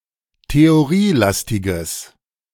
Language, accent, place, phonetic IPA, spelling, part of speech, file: German, Germany, Berlin, [teoˈʁiːˌlastɪɡəs], theorielastiges, adjective, De-theorielastiges.ogg
- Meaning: strong/mixed nominative/accusative neuter singular of theorielastig